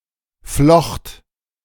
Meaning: first/third-person singular preterite of flechten
- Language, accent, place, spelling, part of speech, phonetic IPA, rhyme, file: German, Germany, Berlin, flocht, verb, [flɔxt], -ɔxt, De-flocht.ogg